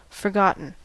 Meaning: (adjective) Of which knowledge has been lost; which is no longer remembered; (verb) past participle of forget; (noun) A person or thing that has been forgotten
- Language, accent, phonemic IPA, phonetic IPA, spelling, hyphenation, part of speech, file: English, US, /fɚˈɡɑ.tn̩/, [fɚˈɡɑ.ʔn̩], forgotten, for‧got‧ten, adjective / verb / noun, En-us-forgotten.ogg